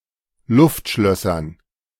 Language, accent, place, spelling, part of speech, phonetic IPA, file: German, Germany, Berlin, Luftschlössern, noun, [ˈlʊftˌʃlœsɐn], De-Luftschlössern.ogg
- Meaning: dative plural of Luftschloss